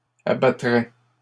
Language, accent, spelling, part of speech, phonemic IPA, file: French, Canada, abattrais, verb, /a.ba.tʁɛ/, LL-Q150 (fra)-abattrais.wav
- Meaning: first/second-person singular conditional of abattre